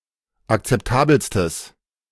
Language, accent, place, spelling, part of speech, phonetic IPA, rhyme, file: German, Germany, Berlin, akzeptabelstes, adjective, [akt͡sɛpˈtaːbl̩stəs], -aːbl̩stəs, De-akzeptabelstes.ogg
- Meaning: strong/mixed nominative/accusative neuter singular superlative degree of akzeptabel